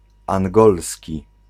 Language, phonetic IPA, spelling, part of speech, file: Polish, [ãŋˈɡɔlsʲci], angolski, adjective, Pl-angolski.ogg